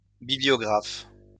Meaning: bibliographer
- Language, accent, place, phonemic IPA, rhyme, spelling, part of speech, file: French, France, Lyon, /bi.bli.jɔ.ɡʁaf/, -af, bibliographe, noun, LL-Q150 (fra)-bibliographe.wav